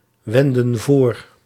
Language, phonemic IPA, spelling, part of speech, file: Dutch, /ˈwɛndə(n) ˈvor/, wendden voor, verb, Nl-wendden voor.ogg
- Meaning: inflection of voorwenden: 1. plural past indicative 2. plural past subjunctive